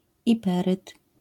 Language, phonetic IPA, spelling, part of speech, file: Polish, [iˈpɛrɨt], iperyt, noun, LL-Q809 (pol)-iperyt.wav